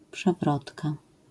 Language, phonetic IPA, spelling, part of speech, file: Polish, [pʃɛˈvrɔtka], przewrotka, noun, LL-Q809 (pol)-przewrotka.wav